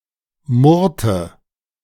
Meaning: inflection of murren: 1. first/third-person singular preterite 2. first/third-person singular subjunctive II
- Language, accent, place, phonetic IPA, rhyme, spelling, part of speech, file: German, Germany, Berlin, [ˈmʊʁtə], -ʊʁtə, murrte, verb, De-murrte.ogg